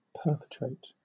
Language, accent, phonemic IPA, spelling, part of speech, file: English, Southern England, /ˈpɜː(ɹ).pəˌtɹeɪt/, perpetrate, verb, LL-Q1860 (eng)-perpetrate.wav
- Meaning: To be guilty of, or responsible for a crime etc; to commit